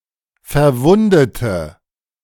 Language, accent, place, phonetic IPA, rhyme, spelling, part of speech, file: German, Germany, Berlin, [fɛɐ̯ˈvʊndətə], -ʊndətə, verwundete, adjective / verb, De-verwundete.ogg
- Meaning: inflection of verwunden: 1. first/third-person singular preterite 2. first/third-person singular subjunctive II